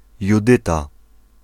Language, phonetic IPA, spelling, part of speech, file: Polish, [juˈdɨta], Judyta, proper noun, Pl-Judyta.ogg